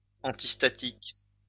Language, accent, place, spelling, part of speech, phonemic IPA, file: French, France, Lyon, antistatique, adjective, /ɑ̃.tis.ta.tik/, LL-Q150 (fra)-antistatique.wav
- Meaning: antistatic